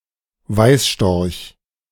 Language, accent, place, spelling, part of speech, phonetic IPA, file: German, Germany, Berlin, Weißstorch, noun, [ˈvaɪ̯sˌʃtɔʁç], De-Weißstorch.ogg
- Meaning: white stork (Ciconia ciconia)